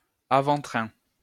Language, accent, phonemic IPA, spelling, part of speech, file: French, France, /a.vɑ̃.tʁɛ̃/, avant-train, noun, LL-Q150 (fra)-avant-train.wav
- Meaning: limber